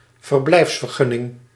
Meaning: residence permit; authorization to reside in a country
- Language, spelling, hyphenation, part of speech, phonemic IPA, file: Dutch, verblijfsvergunning, ver‧blijfs‧ver‧gun‧ning, noun, /vərˈblɛi̯fs.vərˌɣʏ.nɪŋ/, Nl-verblijfsvergunning.ogg